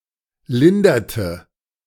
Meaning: inflection of lindern: 1. first/third-person singular preterite 2. first/third-person singular subjunctive II
- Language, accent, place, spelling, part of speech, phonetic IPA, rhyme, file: German, Germany, Berlin, linderte, verb, [ˈlɪndɐtə], -ɪndɐtə, De-linderte.ogg